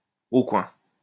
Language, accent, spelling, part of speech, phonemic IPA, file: French, France, au coin, adverb, /o kwɛ̃/, LL-Q150 (fra)-au coin.wav
- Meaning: on the naughty step, in the corner (of a student)